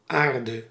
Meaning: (noun) 1. earth, soil, ground 2. earth, ground; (verb) singular present subjunctive of aarden
- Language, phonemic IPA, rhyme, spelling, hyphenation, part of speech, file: Dutch, /ˈaːr.də/, -aːrdə, aarde, aar‧de, noun / verb, Nl-aarde.ogg